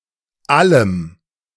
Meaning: Dative singular masculine and neutral gender forms of alles ("all")
- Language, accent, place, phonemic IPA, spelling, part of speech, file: German, Germany, Berlin, /ˈaləm/, allem, pronoun, De-allem.ogg